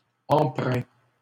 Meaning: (adjective) characterized or marked (by); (verb) 1. past participle of empreindre 2. third-person singular present indicative of empreindre
- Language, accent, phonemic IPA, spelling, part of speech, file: French, Canada, /ɑ̃.pʁɛ̃/, empreint, adjective / verb, LL-Q150 (fra)-empreint.wav